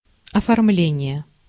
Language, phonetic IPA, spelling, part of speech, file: Russian, [ɐfɐrˈmlʲenʲɪje], оформление, noun, Ru-оформление.ogg
- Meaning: 1. filing (of documents) 2. formatting 3. decoration (e.g., of showcases) 4. design